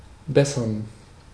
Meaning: to improve, to better
- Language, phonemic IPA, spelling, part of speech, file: German, /ˈbɛsɐn/, bessern, verb, De-bessern.ogg